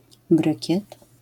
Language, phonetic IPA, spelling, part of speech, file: Polish, [ˈbrɨcɛt], brykiet, noun, LL-Q809 (pol)-brykiet.wav